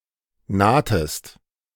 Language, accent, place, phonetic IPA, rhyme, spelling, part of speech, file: German, Germany, Berlin, [ˈnaːtəst], -aːtəst, nahtest, verb, De-nahtest.ogg
- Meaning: inflection of nahen: 1. second-person singular preterite 2. second-person singular subjunctive II